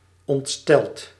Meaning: past participle of ontstellen
- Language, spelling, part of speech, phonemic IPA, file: Dutch, ontsteld, verb / adjective, /ɔntˈstɛlt/, Nl-ontsteld.ogg